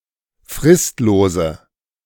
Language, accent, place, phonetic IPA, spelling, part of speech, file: German, Germany, Berlin, [ˈfʁɪstloːzə], fristlose, adjective, De-fristlose.ogg
- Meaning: inflection of fristlos: 1. strong/mixed nominative/accusative feminine singular 2. strong nominative/accusative plural 3. weak nominative all-gender singular